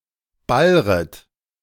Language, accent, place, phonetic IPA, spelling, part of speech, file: German, Germany, Berlin, [ˈbalʁət], ballret, verb, De-ballret.ogg
- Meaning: second-person plural subjunctive I of ballern